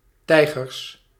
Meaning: plural of tijger
- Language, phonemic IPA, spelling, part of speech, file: Dutch, /ˈtɛiɣərs/, tijgers, noun, Nl-tijgers.ogg